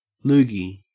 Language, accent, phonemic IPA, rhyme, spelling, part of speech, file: English, Australia, /ˈluːɡi/, -uːɡi, loogie, noun, En-au-loogie.ogg
- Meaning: 1. A thick quantity of sputum, usually containing phlegm 2. Any thick, disgusting liquid